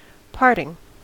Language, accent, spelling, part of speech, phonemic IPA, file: English, US, parting, noun / verb, /ˈpɑɹtɪŋ/, En-us-parting.ogg
- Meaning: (noun) 1. The act of parting or dividing; division; separation 2. The state of being parted 3. A farewell, the act of departing politely